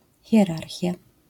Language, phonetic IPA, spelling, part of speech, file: Polish, [xʲjɛˈrarxʲja], hierarchia, noun, LL-Q809 (pol)-hierarchia.wav